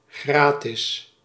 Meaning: free, without charge
- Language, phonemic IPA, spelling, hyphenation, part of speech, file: Dutch, /ˈɣraːtɪs/, gratis, gra‧tis, adjective, Nl-gratis.ogg